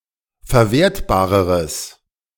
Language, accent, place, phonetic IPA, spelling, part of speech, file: German, Germany, Berlin, [fɛɐ̯ˈveːɐ̯tbaːʁəʁəs], verwertbareres, adjective, De-verwertbareres.ogg
- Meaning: strong/mixed nominative/accusative neuter singular comparative degree of verwertbar